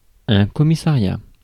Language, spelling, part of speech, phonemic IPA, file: French, commissariat, noun, /kɔ.mi.sa.ʁja/, Fr-commissariat.ogg
- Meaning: 1. commissionership 2. police station